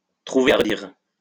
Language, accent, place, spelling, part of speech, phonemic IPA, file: French, France, Lyon, trouver à redire, verb, /tʁu.ve a ʁ(ə).diʁ/, LL-Q150 (fra)-trouver à redire.wav
- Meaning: to find fault